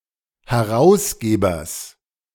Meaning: genitive singular of Herausgeber
- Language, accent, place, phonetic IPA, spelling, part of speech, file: German, Germany, Berlin, [hɛˈʁaʊ̯sˌɡeːbɐs], Herausgebers, noun, De-Herausgebers.ogg